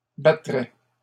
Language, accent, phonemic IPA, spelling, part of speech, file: French, Canada, /ba.tʁɛ/, battraient, verb, LL-Q150 (fra)-battraient.wav
- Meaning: third-person plural conditional of battre